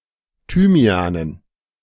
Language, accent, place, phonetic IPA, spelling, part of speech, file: German, Germany, Berlin, [ˈtyːmi̯aːnən], Thymianen, noun, De-Thymianen.ogg
- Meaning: dative plural of Thymian